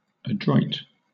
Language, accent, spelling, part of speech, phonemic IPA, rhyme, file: English, Southern England, adroit, adjective, /əˈdɹɔɪt/, -ɔɪt, LL-Q1860 (eng)-adroit.wav
- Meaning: deft, dexterous, or skillful